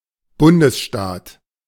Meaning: A state which consists of multiple relatively autonomous substates; a federal state, a federation
- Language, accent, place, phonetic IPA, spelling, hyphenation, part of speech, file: German, Germany, Berlin, [ˈbʊndəsˌʃtaːt], Bundesstaat, Bun‧des‧staat, noun, De-Bundesstaat.ogg